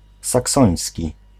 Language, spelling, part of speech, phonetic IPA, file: Polish, saksoński, adjective, [saˈksɔ̃j̃sʲci], Pl-saksoński.ogg